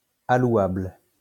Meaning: allottable, allocatable
- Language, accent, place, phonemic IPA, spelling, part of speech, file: French, France, Lyon, /a.lwabl/, allouable, adjective, LL-Q150 (fra)-allouable.wav